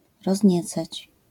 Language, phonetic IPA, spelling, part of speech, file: Polish, [rɔzʲˈɲɛt͡sat͡ɕ], rozniecać, verb, LL-Q809 (pol)-rozniecać.wav